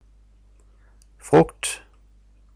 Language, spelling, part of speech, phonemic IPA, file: Danish, frugt, noun, /froɡt/, DA-frugt.ogg
- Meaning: 1. fruit (the seed-bearing part of a plant) 2. fruit (any sweet, edible part of a plant that resembles seed-bearing fruit) 3. fruit (outcome or end result)